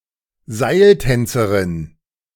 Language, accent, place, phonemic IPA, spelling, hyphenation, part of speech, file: German, Germany, Berlin, /ˈzaɪ̯lˌtɛnt͡səʁɪn/, Seiltänzerin, Seil‧tän‧ze‧rin, noun, De-Seiltänzerin.ogg
- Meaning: female equivalent of Seiltänzer (“tightrope walker”)